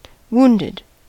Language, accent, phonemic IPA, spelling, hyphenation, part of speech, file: English, US, /ˈwuːndɪd/, wounded, wound‧ed, verb / adjective, En-us-wounded.ogg
- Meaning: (verb) simple past and past participle of wound; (adjective) 1. Suffering from a wound, especially one acquired in battle from a weapon, such as a gun or a knife 2. Suffering from an emotional injury